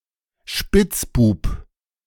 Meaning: alternative form of Spitzbube (“rascal”)
- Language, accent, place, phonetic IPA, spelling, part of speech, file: German, Germany, Berlin, [ˈʃpɪt͡sˌbuːp], Spitzbub, noun, De-Spitzbub.ogg